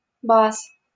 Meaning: genitive plural of ба́за (báza)
- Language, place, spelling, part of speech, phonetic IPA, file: Russian, Saint Petersburg, баз, noun, [bas], LL-Q7737 (rus)-баз.wav